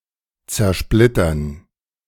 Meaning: 1. to splinter, to smash, to shatter 2. to break up, to balkanize
- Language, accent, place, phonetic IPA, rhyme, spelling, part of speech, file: German, Germany, Berlin, [t͡sɛɐ̯ˈʃplɪtɐn], -ɪtɐn, zersplittern, verb, De-zersplittern.ogg